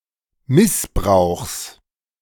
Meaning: genitive singular of Missbrauch
- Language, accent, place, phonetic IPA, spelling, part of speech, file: German, Germany, Berlin, [ˈmɪsˌbʁaʊ̯xs], Missbrauchs, noun, De-Missbrauchs.ogg